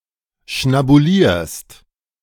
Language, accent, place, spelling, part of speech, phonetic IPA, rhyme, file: German, Germany, Berlin, schnabulierst, verb, [ʃnabuˈliːɐ̯st], -iːɐ̯st, De-schnabulierst.ogg
- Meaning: second-person singular present of schnabulieren